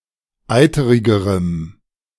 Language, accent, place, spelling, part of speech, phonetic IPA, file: German, Germany, Berlin, eiterigerem, adjective, [ˈaɪ̯təʁɪɡəʁəm], De-eiterigerem.ogg
- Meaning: strong dative masculine/neuter singular comparative degree of eiterig